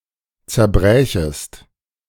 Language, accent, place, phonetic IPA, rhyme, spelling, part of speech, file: German, Germany, Berlin, [t͡sɛɐ̯ˈbʁɛːçəst], -ɛːçəst, zerbrächest, verb, De-zerbrächest.ogg
- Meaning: second-person singular subjunctive II of zerbrechen